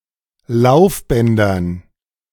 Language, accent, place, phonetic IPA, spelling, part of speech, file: German, Germany, Berlin, [ˈlaʊ̯fˌbɛndɐn], Laufbändern, noun, De-Laufbändern.ogg
- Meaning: dative plural of Laufband